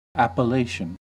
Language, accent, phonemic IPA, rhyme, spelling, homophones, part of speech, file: English, US, /ˌæpəˈleɪʃən/, -eɪʃən, appellation, Appalachian, noun, En-us-appellation.ogg
- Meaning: 1. A name or title by which someone is addressed or identified; a designation 2. A geographical indication for wine that describes its geographic origin